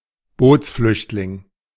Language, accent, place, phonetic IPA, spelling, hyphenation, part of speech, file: German, Germany, Berlin, [ˈboːtsˌflʏçtlɪŋ], Bootsflüchtling, Boots‧flücht‧ling, noun, De-Bootsflüchtling.ogg
- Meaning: boat person (A member of the refugee group known as "boat people".)